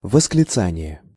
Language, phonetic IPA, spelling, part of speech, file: Russian, [vəsklʲɪˈt͡sanʲɪje], восклицание, noun, Ru-восклицание.ogg
- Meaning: exclamation (loud calling or crying out; outcry)